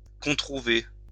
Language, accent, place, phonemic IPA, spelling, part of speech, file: French, France, Lyon, /kɔ̃.tʁu.ve/, controuver, verb, LL-Q150 (fra)-controuver.wav
- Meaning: to contrive